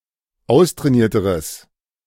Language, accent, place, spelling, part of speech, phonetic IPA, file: German, Germany, Berlin, austrainierteres, adjective, [ˈaʊ̯stʁɛːˌniːɐ̯təʁəs], De-austrainierteres.ogg
- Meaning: strong/mixed nominative/accusative neuter singular comparative degree of austrainiert